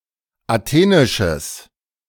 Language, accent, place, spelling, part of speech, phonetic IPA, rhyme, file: German, Germany, Berlin, athenisches, adjective, [aˈteːnɪʃəs], -eːnɪʃəs, De-athenisches.ogg
- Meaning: strong/mixed nominative/accusative neuter singular of athenisch